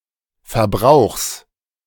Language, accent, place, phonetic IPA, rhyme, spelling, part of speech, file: German, Germany, Berlin, [fɛɐ̯ˈbʁaʊ̯xs], -aʊ̯xs, Verbrauchs, noun, De-Verbrauchs.ogg
- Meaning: genitive singular of Verbrauch